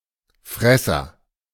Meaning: 1. agent noun of fressen; an animal that eats 2. A glutton; a person who eats immoderately or like an animal 3. A bull or cow between the ages of four months and a year
- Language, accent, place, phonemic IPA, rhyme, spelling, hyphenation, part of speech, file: German, Germany, Berlin, /ˈfʁɛsɐ/, -ɛsɐ, Fresser, Fres‧ser, noun, De-Fresser.ogg